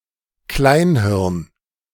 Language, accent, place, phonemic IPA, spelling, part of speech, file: German, Germany, Berlin, /ˈklaɪ̯nˌhɪʁn/, Kleinhirn, noun, De-Kleinhirn.ogg
- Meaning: cerebellum (part of the hindbrain in vertebrates)